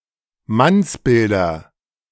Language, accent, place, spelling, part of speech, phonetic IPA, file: German, Germany, Berlin, Mannsbilder, noun, [ˈmansˌbɪldɐ], De-Mannsbilder.ogg
- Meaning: nominative/accusative/genitive plural of Mannsbild